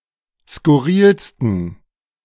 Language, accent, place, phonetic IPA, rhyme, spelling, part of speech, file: German, Germany, Berlin, [skʊˈʁiːlstn̩], -iːlstn̩, skurrilsten, adjective, De-skurrilsten.ogg
- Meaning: 1. superlative degree of skurril 2. inflection of skurril: strong genitive masculine/neuter singular superlative degree